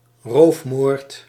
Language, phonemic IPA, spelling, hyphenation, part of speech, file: Dutch, /ˈroːf.moːrt/, roofmoord, roof‧moord, noun, Nl-roofmoord.ogg
- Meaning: murder in the course of robbery (a crime involving murder and (attempted) robbery)